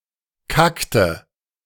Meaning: inflection of kacken: 1. first/third-person singular preterite 2. first/third-person singular subjunctive II
- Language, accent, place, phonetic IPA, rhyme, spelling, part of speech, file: German, Germany, Berlin, [ˈkaktə], -aktə, kackte, verb, De-kackte.ogg